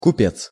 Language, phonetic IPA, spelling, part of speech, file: Russian, [kʊˈpʲet͡s], купец, noun, Ru-купец.ogg
- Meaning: 1. merchant, trader 2. buyer, purchaser